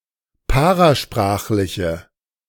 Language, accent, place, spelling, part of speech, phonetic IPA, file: German, Germany, Berlin, parasprachliche, adjective, [ˈpaʁaˌʃpʁaːxlɪçə], De-parasprachliche.ogg
- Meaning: inflection of parasprachlich: 1. strong/mixed nominative/accusative feminine singular 2. strong nominative/accusative plural 3. weak nominative all-gender singular